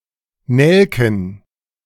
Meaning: plural of Nelke
- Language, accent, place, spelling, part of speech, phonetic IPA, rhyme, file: German, Germany, Berlin, Nelken, noun, [ˈnɛlkn̩], -ɛlkn̩, De-Nelken.ogg